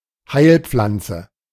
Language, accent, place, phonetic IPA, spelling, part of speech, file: German, Germany, Berlin, [ˈhaɪ̯lˌp͡flant͡sə], Heilpflanze, noun, De-Heilpflanze.ogg
- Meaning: medicinal plant